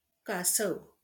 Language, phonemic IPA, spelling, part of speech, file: Marathi, /ka.səʋ/, कासव, noun, LL-Q1571 (mar)-कासव.wav
- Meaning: tortoise